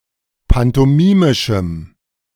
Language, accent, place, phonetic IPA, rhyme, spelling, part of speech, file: German, Germany, Berlin, [pantɔˈmiːmɪʃm̩], -iːmɪʃm̩, pantomimischem, adjective, De-pantomimischem.ogg
- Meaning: strong dative masculine/neuter singular of pantomimisch